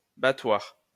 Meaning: 1. beater; carpet beater 2. washing beetle, battledore
- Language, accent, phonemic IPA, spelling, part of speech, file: French, France, /ba.twaʁ/, battoir, noun, LL-Q150 (fra)-battoir.wav